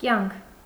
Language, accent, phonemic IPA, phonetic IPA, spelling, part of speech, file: Armenian, Eastern Armenian, /kjɑnkʰ/, [kjɑŋkʰ], կյանք, noun, Hy-կյանք.ogg
- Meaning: 1. life 2. way of life, lifestyle 3. sustenance, nourishment 4. life experience 5. biography 6. the dearest thing 7. animation, liveliness, vigor